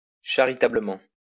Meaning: charitably
- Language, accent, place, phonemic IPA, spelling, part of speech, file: French, France, Lyon, /ʃa.ʁi.ta.blɛm/, charitablement, adverb, LL-Q150 (fra)-charitablement.wav